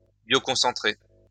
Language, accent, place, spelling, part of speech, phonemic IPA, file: French, France, Lyon, bioconcentrer, verb, /bjo.kɔ̃.sɑ̃.tʁe/, LL-Q150 (fra)-bioconcentrer.wav
- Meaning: to bioconcentrate